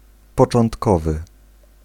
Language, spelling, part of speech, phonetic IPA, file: Polish, początkowy, adjective, [ˌpɔt͡ʃɔ̃ntˈkɔvɨ], Pl-początkowy.ogg